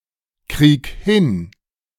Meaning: 1. singular imperative of hinkriegen 2. first-person singular present of hinkriegen
- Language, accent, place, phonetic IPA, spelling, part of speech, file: German, Germany, Berlin, [ˌkʁiːk ˈhɪn], krieg hin, verb, De-krieg hin.ogg